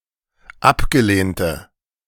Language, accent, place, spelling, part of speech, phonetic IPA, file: German, Germany, Berlin, abgelehnte, adjective, [ˈapɡəˌleːntə], De-abgelehnte.ogg
- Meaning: inflection of abgelehnt: 1. strong/mixed nominative/accusative feminine singular 2. strong nominative/accusative plural 3. weak nominative all-gender singular